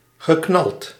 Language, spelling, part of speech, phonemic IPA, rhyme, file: Dutch, geknald, verb, /ɣəˈknɑlt/, -ɑlt, Nl-geknald.ogg
- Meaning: past participle of knallen